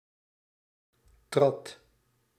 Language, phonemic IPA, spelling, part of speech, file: Dutch, /trɑt/, trad, verb, Nl-trad.ogg
- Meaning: singular past indicative of treden